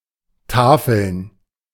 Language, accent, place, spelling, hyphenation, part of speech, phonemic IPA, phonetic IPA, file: German, Germany, Berlin, tafeln, ta‧feln, verb, /ˈtaːfəln/, [ˈtaːfl̩n], De-tafeln.ogg
- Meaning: to feast